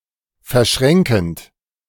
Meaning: present participle of verschränken
- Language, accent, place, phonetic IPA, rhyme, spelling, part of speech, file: German, Germany, Berlin, [fɛɐ̯ˈʃʁɛŋkn̩t], -ɛŋkn̩t, verschränkend, verb, De-verschränkend.ogg